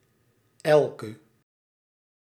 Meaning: inflection of elk: 1. indefinite masculine/feminine singular attributive 2. indefinite plural attributive
- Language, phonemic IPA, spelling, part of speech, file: Dutch, /ˈɛlkə/, elke, pronoun, Nl-elke.ogg